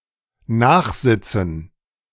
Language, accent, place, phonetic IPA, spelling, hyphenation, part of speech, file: German, Germany, Berlin, [ˈnaːχˌzɪt͡sn̩], Nachsitzen, Nach‧sit‧zen, noun, De-Nachsitzen.ogg
- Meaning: gerund of nachsitzen; detention